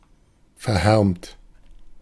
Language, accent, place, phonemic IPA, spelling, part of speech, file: German, Germany, Berlin, /fɛɐ̯ˈhɛʁmt/, verhärmt, adjective, De-verhärmt.ogg
- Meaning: 1. sorrowful 2. haggard, careworn